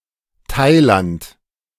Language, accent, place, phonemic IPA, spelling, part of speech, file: German, Germany, Berlin, /ˈtaɪ̯lant/, Thailand, proper noun, De-Thailand.ogg
- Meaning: Thailand (a country in Southeast Asia)